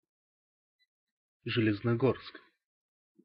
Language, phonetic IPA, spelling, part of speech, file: Russian, [ʐɨlʲɪznɐˈɡorsk], Железногорск, proper noun, Ru-Железногорск.ogg
- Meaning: Zheleznogorsk